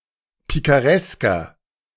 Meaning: inflection of pikaresk: 1. strong/mixed nominative masculine singular 2. strong genitive/dative feminine singular 3. strong genitive plural
- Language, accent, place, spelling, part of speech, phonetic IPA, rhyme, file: German, Germany, Berlin, pikaresker, adjective, [ˌpikaˈʁɛskɐ], -ɛskɐ, De-pikaresker.ogg